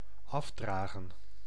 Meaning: 1. to carry off, to take away 2. to contribute, to pay
- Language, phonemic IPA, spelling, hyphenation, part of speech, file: Dutch, /ˈɑfˌdraːɣə(n)/, afdragen, af‧dra‧gen, verb, Nl-afdragen.ogg